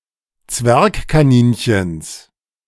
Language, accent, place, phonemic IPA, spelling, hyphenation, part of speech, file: German, Germany, Berlin, /ˈt͡svɛʁkkaˌniːnçəns/, Zwergkaninchens, Zwerg‧ka‧nin‧chens, noun, De-Zwergkaninchens.ogg
- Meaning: genitive singular of Zwergkaninchen